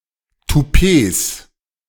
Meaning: 1. genitive singular of Toupet 2. plural of Toupet
- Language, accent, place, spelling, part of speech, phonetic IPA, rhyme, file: German, Germany, Berlin, Toupets, noun, [tuˈpeːs], -eːs, De-Toupets.ogg